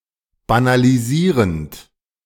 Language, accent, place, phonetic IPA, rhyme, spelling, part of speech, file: German, Germany, Berlin, [banaliˈziːʁənt], -iːʁənt, banalisierend, verb, De-banalisierend.ogg
- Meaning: present participle of banalisieren